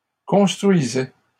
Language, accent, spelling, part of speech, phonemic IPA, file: French, Canada, construisaient, verb, /kɔ̃s.tʁɥi.zɛ/, LL-Q150 (fra)-construisaient.wav
- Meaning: third-person plural imperfect indicative of construire